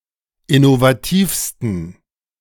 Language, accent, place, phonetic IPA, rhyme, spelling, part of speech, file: German, Germany, Berlin, [ɪnovaˈtiːfstn̩], -iːfstn̩, innovativsten, adjective, De-innovativsten.ogg
- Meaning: 1. superlative degree of innovativ 2. inflection of innovativ: strong genitive masculine/neuter singular superlative degree